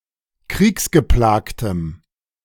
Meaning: strong dative masculine/neuter singular of kriegsgeplagt
- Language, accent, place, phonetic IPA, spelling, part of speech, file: German, Germany, Berlin, [ˈkʁiːksɡəˌplaːktəm], kriegsgeplagtem, adjective, De-kriegsgeplagtem.ogg